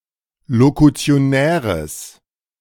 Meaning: strong/mixed nominative/accusative neuter singular of lokutionär
- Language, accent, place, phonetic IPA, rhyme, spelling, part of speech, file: German, Germany, Berlin, [lokut͡si̯oˈnɛːʁəs], -ɛːʁəs, lokutionäres, adjective, De-lokutionäres.ogg